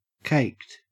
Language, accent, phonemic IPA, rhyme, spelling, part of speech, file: English, Australia, /keɪkt/, -eɪkt, caked, verb / adjective, En-au-caked.ogg
- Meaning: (verb) simple past and past participle of cake; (adjective) Congealed into a cakelike consistency; (of something covered in such a material) Coated with such a congealed mass